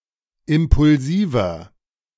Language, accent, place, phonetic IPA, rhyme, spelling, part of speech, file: German, Germany, Berlin, [ˌɪmpʊlˈziːvɐ], -iːvɐ, impulsiver, adjective, De-impulsiver.ogg
- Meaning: 1. comparative degree of impulsiv 2. inflection of impulsiv: strong/mixed nominative masculine singular 3. inflection of impulsiv: strong genitive/dative feminine singular